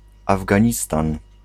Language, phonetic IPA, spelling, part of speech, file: Polish, [ˌavɡãˈɲistãn], Afganistan, proper noun, Pl-Afganistan.ogg